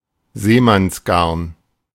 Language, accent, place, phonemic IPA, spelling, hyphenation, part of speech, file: German, Germany, Berlin, /ˈzeːmansˌɡaʁn/, Seemannsgarn, See‧manns‧garn, noun, De-Seemannsgarn.ogg
- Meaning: yarn (uncredible story)